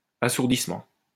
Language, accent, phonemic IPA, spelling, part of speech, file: French, France, /a.suʁ.dis.mɑ̃/, assourdissement, noun, LL-Q150 (fra)-assourdissement.wav
- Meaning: deafening